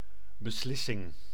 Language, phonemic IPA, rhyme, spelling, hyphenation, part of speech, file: Dutch, /bəˈslɪ.sɪŋ/, -ɪsɪŋ, beslissing, be‧slis‧sing, noun, Nl-beslissing.ogg
- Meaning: decision